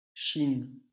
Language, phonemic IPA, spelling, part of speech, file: French, /ʃin/, Chine, proper noun, LL-Q150 (fra)-Chine.wav
- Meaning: China (a country in Asia)